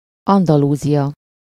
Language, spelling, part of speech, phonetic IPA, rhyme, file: Hungarian, Andalúzia, proper noun, [ˈɒndɒluːzijɒ], -jɒ, Hu-Andalúzia.ogg
- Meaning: Andalusia (a historical region and autonomous community in southern Spain, the most populated and second largest of the seventeen autonomous communities that constitute Spain)